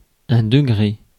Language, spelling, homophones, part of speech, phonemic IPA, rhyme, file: French, degré, degrés, noun, /də.ɡʁe/, -e, Fr-degré.ogg
- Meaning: degree